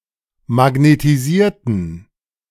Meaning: inflection of magnetisieren: 1. first/third-person plural preterite 2. first/third-person plural subjunctive II
- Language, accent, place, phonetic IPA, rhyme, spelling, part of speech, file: German, Germany, Berlin, [maɡnetiˈziːɐ̯tn̩], -iːɐ̯tn̩, magnetisierten, adjective / verb, De-magnetisierten.ogg